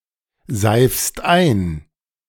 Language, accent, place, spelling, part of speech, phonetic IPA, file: German, Germany, Berlin, seifst ein, verb, [ˌzaɪ̯fst ˈaɪ̯n], De-seifst ein.ogg
- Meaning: second-person singular present of einseifen